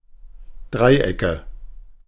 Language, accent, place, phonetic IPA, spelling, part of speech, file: German, Germany, Berlin, [ˈdʁaɪ̯ˌʔɛkə], Dreiecke, noun, De-Dreiecke.ogg
- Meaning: nominative/accusative/genitive plural of Dreieck